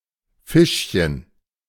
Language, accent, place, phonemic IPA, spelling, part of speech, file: German, Germany, Berlin, /ˈfɪʃçən/, Fischchen, noun, De-Fischchen.ogg
- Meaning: 1. diminutive of Fisch 2. synonym of Silberfischchen